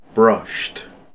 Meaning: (adjective) 1. Roughened by rubbing with an abrasive brushes, especially as a finish 2. Having been cleaned, tidied, or straightened with a brush
- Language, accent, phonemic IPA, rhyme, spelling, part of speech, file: English, UK, /ˈbɹʌʃt/, -ʌʃt, brushed, adjective / verb, En-gb-brushed.ogg